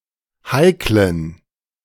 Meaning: inflection of heikel: 1. strong genitive masculine/neuter singular 2. weak/mixed genitive/dative all-gender singular 3. strong/weak/mixed accusative masculine singular 4. strong dative plural
- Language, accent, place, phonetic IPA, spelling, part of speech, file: German, Germany, Berlin, [ˈhaɪ̯klən], heiklen, adjective, De-heiklen.ogg